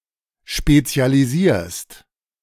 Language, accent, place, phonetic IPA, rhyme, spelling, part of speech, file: German, Germany, Berlin, [ˌʃpet͡si̯aliˈziːɐ̯st], -iːɐ̯st, spezialisierst, verb, De-spezialisierst.ogg
- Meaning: second-person singular present of spezialisieren